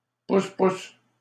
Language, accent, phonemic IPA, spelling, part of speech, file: French, Canada, /pus.pus/, pousse-pousse, noun, LL-Q150 (fra)-pousse-pousse.wav
- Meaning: rickshaw